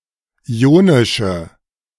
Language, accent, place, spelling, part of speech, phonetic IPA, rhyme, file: German, Germany, Berlin, ionische, adjective, [ˌiːˈoːnɪʃə], -oːnɪʃə, De-ionische.ogg
- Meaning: inflection of ionisch: 1. strong/mixed nominative/accusative feminine singular 2. strong nominative/accusative plural 3. weak nominative all-gender singular 4. weak accusative feminine/neuter singular